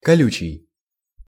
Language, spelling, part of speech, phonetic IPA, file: Russian, колючий, adjective, [kɐˈlʲʉt͡ɕɪj], Ru-колючий.ogg
- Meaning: 1. thorny, spiny, prickly 2. biting, cutting